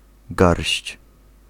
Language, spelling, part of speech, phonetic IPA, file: Polish, garść, noun, [ɡarʲɕt͡ɕ], Pl-garść.ogg